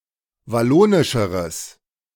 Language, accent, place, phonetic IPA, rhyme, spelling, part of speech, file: German, Germany, Berlin, [vaˈloːnɪʃəʁəs], -oːnɪʃəʁəs, wallonischeres, adjective, De-wallonischeres.ogg
- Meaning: strong/mixed nominative/accusative neuter singular comparative degree of wallonisch